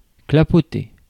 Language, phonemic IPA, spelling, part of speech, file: French, /kla.pɔ.te/, clapoter, verb, Fr-clapoter.ogg
- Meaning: to swash, slosh, lap